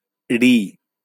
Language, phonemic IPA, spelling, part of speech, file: Bengali, /ri/, ৠ, character, LL-Q9610 (ben)-ৠ.wav
- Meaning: a character of Bengali script; replaced with ঋ (ri) in modern Bengali